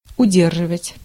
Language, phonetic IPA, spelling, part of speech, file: Russian, [ʊˈdʲerʐɨvətʲ], удерживать, verb, Ru-удерживать.ogg
- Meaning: 1. to retain, to hold, to withhold 2. to balance, to place or set an object so that it does not fall 3. to suppress 4. to deduct, to keep back